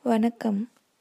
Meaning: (interjection) 1. hello (greeting) 2. welcome (greeting) 3. greetings; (noun) 1. adoration, veneration, reverence 2. worship, praise 3. submission, obedience 4. respect, regard
- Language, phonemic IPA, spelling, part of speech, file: Tamil, /ʋɐɳɐkːɐm/, வணக்கம், interjection / noun, Vanakkam Greeting.ogg